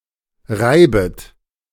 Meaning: second-person plural subjunctive I of reiben
- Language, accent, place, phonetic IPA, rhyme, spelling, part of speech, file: German, Germany, Berlin, [ˈʁaɪ̯bət], -aɪ̯bət, reibet, verb, De-reibet.ogg